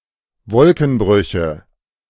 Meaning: nominative/accusative/genitive plural of Wolkenbruch
- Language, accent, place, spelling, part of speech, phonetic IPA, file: German, Germany, Berlin, Wolkenbrüche, noun, [ˈvɔlkn̩ˌbʁʏçə], De-Wolkenbrüche.ogg